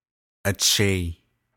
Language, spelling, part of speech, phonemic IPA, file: Navajo, acheii, noun, /ʔɑ̀t͡ʃʰɛ̀ìː/, Nv-acheii.ogg
- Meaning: maternal grandfather, as well as any of his brothers (maternal great-uncles)